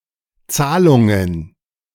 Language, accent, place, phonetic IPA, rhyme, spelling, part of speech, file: German, Germany, Berlin, [ˈt͡saːlʊŋən], -aːlʊŋən, Zahlungen, noun, De-Zahlungen.ogg
- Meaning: plural of Zahlung